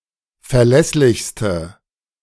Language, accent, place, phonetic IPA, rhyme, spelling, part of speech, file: German, Germany, Berlin, [fɛɐ̯ˈlɛslɪçstə], -ɛslɪçstə, verlässlichste, adjective, De-verlässlichste.ogg
- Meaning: inflection of verlässlich: 1. strong/mixed nominative/accusative feminine singular superlative degree 2. strong nominative/accusative plural superlative degree